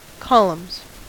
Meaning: 1. plural of column 2. pattern which involves throwing props in the air alternately
- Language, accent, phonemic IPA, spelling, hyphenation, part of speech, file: English, US, /ˈkɑləmz/, columns, col‧umns, noun, En-us-columns.ogg